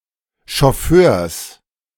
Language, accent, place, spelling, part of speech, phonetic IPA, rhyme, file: German, Germany, Berlin, Schofförs, noun, [ʃɔˈføːɐ̯s], -øːɐ̯s, De-Schofförs.ogg
- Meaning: genitive masculine singular of Schofför